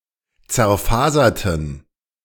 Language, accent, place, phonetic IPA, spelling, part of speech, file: German, Germany, Berlin, [t͡sɛɐ̯ˈfaːzɐtn̩], zerfaserten, adjective / verb, De-zerfaserten.ogg
- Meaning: inflection of zerfasern: 1. first/third-person plural preterite 2. first/third-person plural subjunctive II